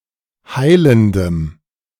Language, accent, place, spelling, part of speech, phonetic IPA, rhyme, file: German, Germany, Berlin, heilendem, adjective, [ˈhaɪ̯ləndəm], -aɪ̯ləndəm, De-heilendem.ogg
- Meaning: strong dative masculine/neuter singular of heilend